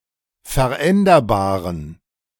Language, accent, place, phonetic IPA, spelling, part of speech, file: German, Germany, Berlin, [fɛɐ̯ˈʔɛndɐbaːʁən], veränderbaren, adjective, De-veränderbaren.ogg
- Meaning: inflection of veränderbar: 1. strong genitive masculine/neuter singular 2. weak/mixed genitive/dative all-gender singular 3. strong/weak/mixed accusative masculine singular 4. strong dative plural